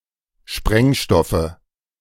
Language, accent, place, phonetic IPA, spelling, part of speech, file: German, Germany, Berlin, [ˈʃpʁɛŋˌʃtɔfə], Sprengstoffe, noun, De-Sprengstoffe.ogg
- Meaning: nominative/accusative/genitive plural of Sprengstoff